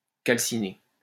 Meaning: 1. to calcinate 2. to calcine
- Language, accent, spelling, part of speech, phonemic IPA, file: French, France, calciner, verb, /kal.si.ne/, LL-Q150 (fra)-calciner.wav